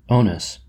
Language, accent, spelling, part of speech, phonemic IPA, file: English, US, onus, noun, /ˈoʊnəs/, En-us-onus.oga
- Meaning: 1. A legal obligation 2. Burden of proof, onus probandi 3. Stigma 4. Blame 5. Responsibility; burden